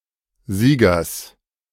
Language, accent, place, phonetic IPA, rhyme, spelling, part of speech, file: German, Germany, Berlin, [ˈziːɡɐs], -iːɡɐs, Siegers, noun, De-Siegers.ogg
- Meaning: genitive singular of Sieger